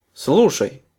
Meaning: second-person singular imperative imperfective of слу́шать (slúšatʹ)
- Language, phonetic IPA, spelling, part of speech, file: Russian, [ˈsɫuʂəj], слушай, verb, Ru-слушай.ogg